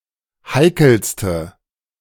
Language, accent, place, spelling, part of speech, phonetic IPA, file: German, Germany, Berlin, heikelste, adjective, [ˈhaɪ̯kl̩stə], De-heikelste.ogg
- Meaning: inflection of heikel: 1. strong/mixed nominative/accusative feminine singular superlative degree 2. strong nominative/accusative plural superlative degree